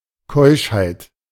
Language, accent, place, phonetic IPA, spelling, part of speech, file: German, Germany, Berlin, [ˈkɔɪ̯ʃhaɪ̯t], Keuschheit, noun, De-Keuschheit.ogg
- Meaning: chastity